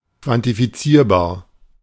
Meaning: quantifiable
- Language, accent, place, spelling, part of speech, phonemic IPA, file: German, Germany, Berlin, quantifizierbar, adjective, /kvantifiˈt͡siːɐ̯baːɐ̯/, De-quantifizierbar.ogg